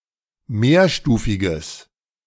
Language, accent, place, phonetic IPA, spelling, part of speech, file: German, Germany, Berlin, [ˈmeːɐ̯ˌʃtuːfɪɡəs], mehrstufiges, adjective, De-mehrstufiges.ogg
- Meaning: strong/mixed nominative/accusative neuter singular of mehrstufig